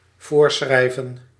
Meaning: to prescribe
- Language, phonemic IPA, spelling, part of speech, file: Dutch, /ˈvoːrˌsxrɛi̯.və(n)/, voorschrijven, verb, Nl-voorschrijven.ogg